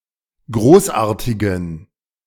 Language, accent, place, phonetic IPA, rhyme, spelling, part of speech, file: German, Germany, Berlin, [ˈɡʁoːsˌʔaːɐ̯tɪɡn̩], -oːsʔaːɐ̯tɪɡn̩, großartigen, adjective, De-großartigen.ogg
- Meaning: inflection of großartig: 1. strong genitive masculine/neuter singular 2. weak/mixed genitive/dative all-gender singular 3. strong/weak/mixed accusative masculine singular 4. strong dative plural